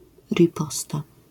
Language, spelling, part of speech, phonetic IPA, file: Polish, riposta, noun, [rʲiˈpɔsta], LL-Q809 (pol)-riposta.wav